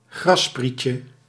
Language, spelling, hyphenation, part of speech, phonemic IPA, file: Dutch, grassprietje, gras‧spriet‧je, noun, /ˈɣrɑspriːtjə/, Nl-grassprietje.ogg
- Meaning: diminutive of grasspriet